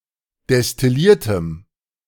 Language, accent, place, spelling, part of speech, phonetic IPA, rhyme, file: German, Germany, Berlin, destilliertem, adjective, [dɛstɪˈliːɐ̯təm], -iːɐ̯təm, De-destilliertem.ogg
- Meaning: strong dative masculine/neuter singular of destilliert